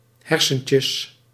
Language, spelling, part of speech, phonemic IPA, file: Dutch, hersentjes, noun, /ˈhɛrsəncəs/, Nl-hersentjes.ogg
- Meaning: diminutive of hersenen